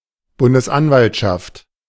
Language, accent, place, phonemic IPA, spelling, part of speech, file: German, Germany, Berlin, /ˈbʊndəsˌʔanvaltʃaft/, Bundesanwaltschaft, noun, De-Bundesanwaltschaft.ogg
- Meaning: federal prosecutor